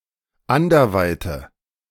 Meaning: inflection of anderweit: 1. strong/mixed nominative/accusative feminine singular 2. strong nominative/accusative plural 3. weak nominative all-gender singular
- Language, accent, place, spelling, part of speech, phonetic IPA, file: German, Germany, Berlin, anderweite, adjective, [ˈandɐˌvaɪ̯tə], De-anderweite.ogg